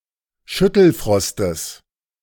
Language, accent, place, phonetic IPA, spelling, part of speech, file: German, Germany, Berlin, [ˈʃʏtl̩ˌfʁɔstəs], Schüttelfrostes, noun, De-Schüttelfrostes.ogg
- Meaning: genitive singular of Schüttelfrost